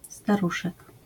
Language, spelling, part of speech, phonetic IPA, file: Polish, staruszek, noun, [staˈruʃɛk], LL-Q809 (pol)-staruszek.wav